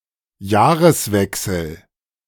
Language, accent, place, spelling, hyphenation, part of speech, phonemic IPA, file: German, Germany, Berlin, Jahreswechsel, Jah‧res‧wech‧sel, noun, /ˈjaːʁəsˌvɛksl̩/, De-Jahreswechsel.ogg
- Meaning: turn of the year